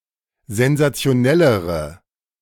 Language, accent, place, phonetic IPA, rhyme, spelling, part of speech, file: German, Germany, Berlin, [zɛnzat͡si̯oˈnɛləʁə], -ɛləʁə, sensationellere, adjective, De-sensationellere.ogg
- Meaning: inflection of sensationell: 1. strong/mixed nominative/accusative feminine singular comparative degree 2. strong nominative/accusative plural comparative degree